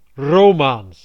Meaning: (adjective) 1. Romance (of the language family) 2. dated spelling of romaans; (proper noun) Romance (language family)
- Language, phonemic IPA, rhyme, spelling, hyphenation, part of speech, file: Dutch, /roːˈmaːns/, -aːns, Romaans, Ro‧maans, adjective / proper noun, Nl-Romaans.ogg